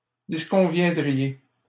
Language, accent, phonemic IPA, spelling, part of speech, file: French, Canada, /dis.kɔ̃.vjɛ̃.dʁi.je/, disconviendriez, verb, LL-Q150 (fra)-disconviendriez.wav
- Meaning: second-person plural conditional of disconvenir